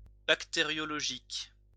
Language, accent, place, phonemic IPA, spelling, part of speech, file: French, France, Lyon, /bak.te.ʁjɔ.lɔ.ʒik/, bactériologique, adjective, LL-Q150 (fra)-bactériologique.wav
- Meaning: bacteriological